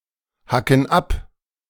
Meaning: inflection of abhacken: 1. first/third-person plural present 2. first/third-person plural subjunctive I
- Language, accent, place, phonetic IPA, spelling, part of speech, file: German, Germany, Berlin, [ˌhakn̩ ˈap], hacken ab, verb, De-hacken ab.ogg